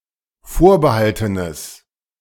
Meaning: strong/mixed nominative/accusative neuter singular of vorbehalten
- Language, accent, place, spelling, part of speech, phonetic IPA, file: German, Germany, Berlin, vorbehaltenes, adjective, [ˈfoːɐ̯bəˌhaltənəs], De-vorbehaltenes.ogg